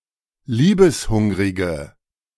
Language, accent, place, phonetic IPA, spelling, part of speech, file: German, Germany, Berlin, [ˈliːbəsˌhʊŋʁɪɡə], liebeshungrige, adjective, De-liebeshungrige.ogg
- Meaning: inflection of liebeshungrig: 1. strong/mixed nominative/accusative feminine singular 2. strong nominative/accusative plural 3. weak nominative all-gender singular